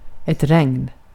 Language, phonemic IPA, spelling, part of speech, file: Swedish, /rɛŋn/, regn, noun, Sv-regn.ogg
- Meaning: rain